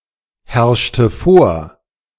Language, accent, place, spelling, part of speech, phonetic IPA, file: German, Germany, Berlin, herrschte vor, verb, [ˌhɛʁʃtə ˈfoːɐ̯], De-herrschte vor.ogg
- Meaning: inflection of vorherrschen: 1. first/third-person singular preterite 2. first/third-person singular subjunctive II